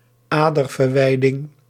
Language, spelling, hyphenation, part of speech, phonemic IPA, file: Dutch, aderverwijding, ader‧ver‧wij‧ding, noun, /ˈaː.dər.vərˌʋɛi̯.dɪŋ/, Nl-aderverwijding.ogg
- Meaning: aneurysm